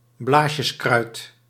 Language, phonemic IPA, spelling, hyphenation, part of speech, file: Dutch, /ˈblaːs.jəsˌkrœy̯t/, blaasjeskruid, blaas‧jes‧kruid, noun, Nl-blaasjeskruid.ogg
- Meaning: bladderwort, plant of the genus Utricularia (the plural is typically used for multiple species rather than multiple specimens, but is rare even in this usage)